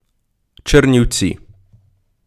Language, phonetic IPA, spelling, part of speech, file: Ukrainian, [t͡ʃernʲiu̯ˈt͡sʲi], Чернівці, proper noun, Uk-Чернівці.ogg
- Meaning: Chernivtsi (a city in Ukraine)